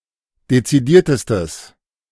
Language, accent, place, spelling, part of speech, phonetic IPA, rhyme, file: German, Germany, Berlin, dezidiertestes, adjective, [det͡siˈdiːɐ̯təstəs], -iːɐ̯təstəs, De-dezidiertestes.ogg
- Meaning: strong/mixed nominative/accusative neuter singular superlative degree of dezidiert